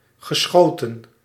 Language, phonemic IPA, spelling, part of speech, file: Dutch, /ɣəˈsxoː.tə(n)/, geschoten, verb, Nl-geschoten.ogg
- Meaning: past participle of schieten